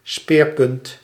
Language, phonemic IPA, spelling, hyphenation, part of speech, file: Dutch, /ˈspeːr.pʏnt/, speerpunt, speer‧punt, noun, Nl-speerpunt.ogg
- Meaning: 1. spearhead (point of a spear) 2. main point of discussion or policy, central plank